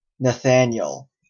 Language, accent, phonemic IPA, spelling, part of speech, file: English, Canada, /nəˈθæn.jəl/, Nathaniel, proper noun, En-ca-Nathaniel.oga
- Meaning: A male given name from Hebrew